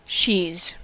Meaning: 1. Contraction of she + is 2. Contraction of she + has
- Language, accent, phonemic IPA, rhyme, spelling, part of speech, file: English, US, /ʃiːz/, -iːz, she's, contraction, En-us-she's.ogg